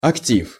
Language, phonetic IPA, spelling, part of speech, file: Russian, [ɐkˈtʲif], актив, noun, Ru-актив.ogg
- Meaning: 1. group of activists, active members or leading players 2. asset 3. successes, achievements 4. top; dominant partner in a sexual relationship